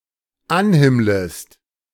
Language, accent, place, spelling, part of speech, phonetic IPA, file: German, Germany, Berlin, anhimmlest, verb, [ˈanˌhɪmləst], De-anhimmlest.ogg
- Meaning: second-person singular dependent subjunctive I of anhimmeln